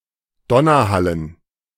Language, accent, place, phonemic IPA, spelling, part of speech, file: German, Germany, Berlin, /ˈdɔnɐˌhalən/, Donnerhallen, noun, De-Donnerhallen.ogg
- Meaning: dative plural of Donnerhall